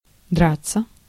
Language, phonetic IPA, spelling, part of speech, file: Russian, [ˈdrat͡sːə], драться, verb, Ru-драться.ogg
- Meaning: 1. to fight, to scuffle 2. to struggle 3. to tear (intransitive) 4. passive of драть (dratʹ)